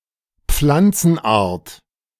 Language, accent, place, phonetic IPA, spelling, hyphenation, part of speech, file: German, Germany, Berlin, [ˈp͡flant͡sn̩ˌʔaːɐ̯t], Pflanzenart, Pflan‧zen‧art, noun, De-Pflanzenart.ogg
- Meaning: plant species